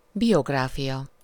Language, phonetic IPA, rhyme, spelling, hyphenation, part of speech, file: Hungarian, [ˈbijoɡraːfijɒ], -jɒ, biográfia, bi‧og‧rá‧fia, noun, Hu-biográfia.ogg
- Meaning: biography